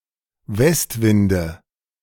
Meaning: nominative/accusative/genitive plural of Westwind
- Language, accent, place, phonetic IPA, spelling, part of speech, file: German, Germany, Berlin, [ˈvɛstˌvɪndə], Westwinde, noun, De-Westwinde.ogg